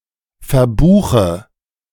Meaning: inflection of verbuchen: 1. first-person singular present 2. first/third-person singular subjunctive I 3. singular imperative
- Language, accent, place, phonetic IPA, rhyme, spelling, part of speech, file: German, Germany, Berlin, [fɛɐ̯ˈbuːxə], -uːxə, verbuche, verb, De-verbuche.ogg